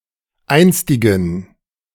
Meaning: inflection of einstig: 1. strong genitive masculine/neuter singular 2. weak/mixed genitive/dative all-gender singular 3. strong/weak/mixed accusative masculine singular 4. strong dative plural
- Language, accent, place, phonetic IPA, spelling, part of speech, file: German, Germany, Berlin, [ˈaɪ̯nstɪɡn̩], einstigen, adjective, De-einstigen.ogg